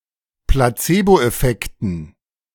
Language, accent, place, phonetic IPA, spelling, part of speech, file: German, Germany, Berlin, [plaˈt͡seːboʔɛˌfɛktn̩], Placeboeffekten, noun, De-Placeboeffekten.ogg
- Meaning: dative plural of Placeboeffekt